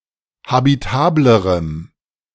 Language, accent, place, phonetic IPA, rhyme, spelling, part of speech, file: German, Germany, Berlin, [habiˈtaːbləʁəm], -aːbləʁəm, habitablerem, adjective, De-habitablerem.ogg
- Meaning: strong dative masculine/neuter singular comparative degree of habitabel